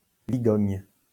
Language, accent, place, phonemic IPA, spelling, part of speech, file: French, France, Lyon, /vi.ɡɔɲ/, vigogne, noun, LL-Q150 (fra)-vigogne.wav
- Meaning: vicuna, vicuña